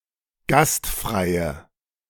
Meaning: inflection of gastfrei: 1. strong/mixed nominative/accusative feminine singular 2. strong nominative/accusative plural 3. weak nominative all-gender singular
- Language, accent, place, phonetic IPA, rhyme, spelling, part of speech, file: German, Germany, Berlin, [ˈɡastˌfʁaɪ̯ə], -astfʁaɪ̯ə, gastfreie, adjective, De-gastfreie.ogg